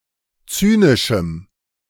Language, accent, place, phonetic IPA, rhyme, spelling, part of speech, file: German, Germany, Berlin, [ˈt͡syːnɪʃm̩], -yːnɪʃm̩, zynischem, adjective, De-zynischem.ogg
- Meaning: strong dative masculine/neuter singular of zynisch